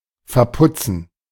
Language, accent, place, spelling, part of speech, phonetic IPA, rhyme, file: German, Germany, Berlin, verputzen, verb, [fɛɐ̯ˈpʊt͡sn̩], -ʊt͡sn̩, De-verputzen.ogg
- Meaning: 1. to plaster 2. to put away